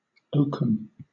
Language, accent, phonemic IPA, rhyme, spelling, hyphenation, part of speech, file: English, Southern England, /ˈəʊkəm/, -əʊkəm, oakum, oak‧um, noun, LL-Q1860 (eng)-oakum.wav
- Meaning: Coarse fibres separated by hackling from flax or hemp when preparing the latter for spinning